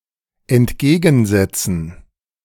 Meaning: to counter
- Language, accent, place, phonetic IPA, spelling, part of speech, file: German, Germany, Berlin, [ɛntˈɡeːɡn̩ˌzɛt͡sn̩], entgegensetzen, verb, De-entgegensetzen.ogg